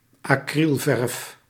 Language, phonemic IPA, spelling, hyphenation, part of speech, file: Dutch, /ɑˈkrilˌvɛrf/, acrylverf, acryl‧verf, noun, Nl-acrylverf.ogg
- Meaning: acrylic paint